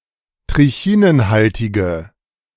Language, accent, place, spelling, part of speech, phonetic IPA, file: German, Germany, Berlin, trichinenhaltige, adjective, [tʁɪˈçiːnənˌhaltɪɡə], De-trichinenhaltige.ogg
- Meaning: inflection of trichinenhaltig: 1. strong/mixed nominative/accusative feminine singular 2. strong nominative/accusative plural 3. weak nominative all-gender singular